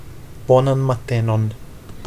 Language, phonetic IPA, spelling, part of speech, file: Esperanto, [ˈbo.nan ma.ˈte.non], bonan matenon, interjection, Eo-bonan matenon.ogg